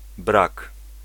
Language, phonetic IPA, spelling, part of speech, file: Polish, [brak], brak, noun, Pl-brak.ogg